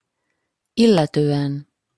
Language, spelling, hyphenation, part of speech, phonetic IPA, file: Hungarian, illetően, il‧le‧tő‧en, postposition, [ˈilːɛtøːɛn], Hu-illetően.opus
- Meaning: about, concerning, regarding, as to (taking -t/-ot/-at/-et/-öt, with reference or regard to)